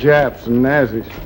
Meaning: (noun) A member of the Nazi Party (the National Socialist German Workers' Party or NSDAP)
- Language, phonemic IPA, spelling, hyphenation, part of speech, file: English, /ˈnæzi/, Nazi, Na‧zi, noun / adjective / proper noun, Henry Hall - Japs and Nazis.ogg